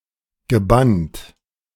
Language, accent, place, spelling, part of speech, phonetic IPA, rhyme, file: German, Germany, Berlin, gebannt, verb, [ɡəˈbant], -ant, De-gebannt.ogg
- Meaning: past participle of bannen